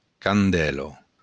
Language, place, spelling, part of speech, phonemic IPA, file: Occitan, Béarn, candèla, noun, /kanˈdɛlo/, LL-Q14185 (oci)-candèla.wav
- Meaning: candle